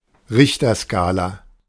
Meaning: Richter scale
- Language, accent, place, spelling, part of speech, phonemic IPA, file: German, Germany, Berlin, Richterskala, noun, /ˈʁɪçtɐˌskaːla/, De-Richterskala.ogg